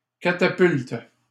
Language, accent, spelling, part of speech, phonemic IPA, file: French, Canada, catapulte, noun / verb, /ka.ta.pylt/, LL-Q150 (fra)-catapulte.wav
- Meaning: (noun) catapult; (verb) inflection of catapulter: 1. first/third-person singular present indicative/subjunctive 2. second-person singular imperative